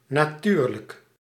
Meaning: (adverb) 1. naturally 2. of course; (adjective) natural
- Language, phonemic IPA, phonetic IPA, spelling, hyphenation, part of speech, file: Dutch, /naːˈtyrlək/, [naːˈtyːrlək], natuurlijk, na‧tuur‧lijk, adverb / adjective, Nl-natuurlijk.ogg